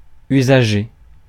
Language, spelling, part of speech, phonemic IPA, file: French, usager, noun, /y.za.ʒe/, Fr-usager.ogg
- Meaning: user